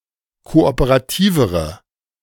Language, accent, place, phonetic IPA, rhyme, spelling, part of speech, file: German, Germany, Berlin, [ˌkoʔopəʁaˈtiːvəʁə], -iːvəʁə, kooperativere, adjective, De-kooperativere.ogg
- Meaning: inflection of kooperativ: 1. strong/mixed nominative/accusative feminine singular comparative degree 2. strong nominative/accusative plural comparative degree